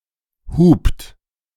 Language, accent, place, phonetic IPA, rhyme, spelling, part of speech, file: German, Germany, Berlin, [huːpt], -uːpt, hupt, verb, De-hupt.ogg
- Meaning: inflection of hupen: 1. third-person singular present 2. second-person plural present 3. plural imperative